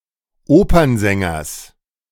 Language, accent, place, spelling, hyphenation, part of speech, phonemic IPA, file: German, Germany, Berlin, Opernsängers, Opern‧sän‧gers, noun, /ˈoːpɐnzɛŋɐs/, De-Opernsängers.ogg
- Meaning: genitive singular of Opernsänger